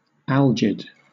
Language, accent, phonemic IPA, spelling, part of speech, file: English, Southern England, /ˈæl.d͡ʒɪd/, algid, adjective, LL-Q1860 (eng)-algid.wav
- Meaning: Cold, chilly; used of low body temperature, especially in connection with certain diseases such as malaria and cholera